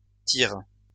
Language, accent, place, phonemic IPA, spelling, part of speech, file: French, France, Lyon, /tiʁ/, tires, verb, LL-Q150 (fra)-tires.wav
- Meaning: second-person singular present indicative/subjunctive of tirer